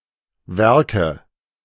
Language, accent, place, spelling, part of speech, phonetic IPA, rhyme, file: German, Germany, Berlin, Werke, noun, [ˈvɛʁkə], -ɛʁkə, De-Werke.ogg
- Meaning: 1. nominative/accusative/genitive plural of Werk 2. dative singular of Werk